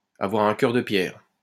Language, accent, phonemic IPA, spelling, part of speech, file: French, France, /a.vwa.ʁ‿œ̃ kœʁ də pjɛʁ/, avoir un cœur de pierre, verb, LL-Q150 (fra)-avoir un cœur de pierre.wav
- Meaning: to be stonehearted, to be heartless, to have no heart